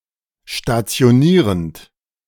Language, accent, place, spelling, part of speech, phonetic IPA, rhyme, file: German, Germany, Berlin, stationierend, verb, [ʃtat͡si̯oˈniːʁənt], -iːʁənt, De-stationierend.ogg
- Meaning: present participle of stationieren